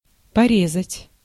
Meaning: to cut
- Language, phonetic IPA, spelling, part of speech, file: Russian, [pɐˈrʲezətʲ], порезать, verb, Ru-порезать.ogg